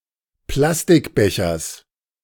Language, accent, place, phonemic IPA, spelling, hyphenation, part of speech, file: German, Germany, Berlin, /ˈplastɪkˌbɛçɐs/, Plastikbechers, Plas‧tik‧be‧chers, noun, De-Plastikbechers.ogg
- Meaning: genitive singular of Plastikbecher